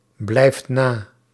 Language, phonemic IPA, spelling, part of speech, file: Dutch, /ˈblɛift ˈna/, blijft na, verb, Nl-blijft na.ogg
- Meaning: inflection of nablijven: 1. second/third-person singular present indicative 2. plural imperative